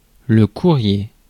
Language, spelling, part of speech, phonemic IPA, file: French, courrier, noun, /ku.ʁje/, Fr-courrier.ogg
- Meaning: 1. messenger, courier 2. mail